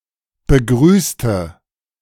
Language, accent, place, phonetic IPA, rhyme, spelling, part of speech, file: German, Germany, Berlin, [bəˈɡʁyːstə], -yːstə, begrüßte, adjective / verb, De-begrüßte.ogg
- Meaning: inflection of begrüßen: 1. first/third-person singular preterite 2. first/third-person singular subjunctive II